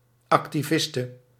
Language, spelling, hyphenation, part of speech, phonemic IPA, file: Dutch, activiste, ac‧ti‧vis‧te, noun, /ˌɑk.tiˈvɪs.tə/, Nl-activiste.ogg
- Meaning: female equivalent of activist